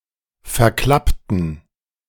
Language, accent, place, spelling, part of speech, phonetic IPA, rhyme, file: German, Germany, Berlin, verklappten, adjective / verb, [fɛɐ̯ˈklaptn̩], -aptn̩, De-verklappten.ogg
- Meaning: inflection of verklappen: 1. first/third-person plural preterite 2. first/third-person plural subjunctive II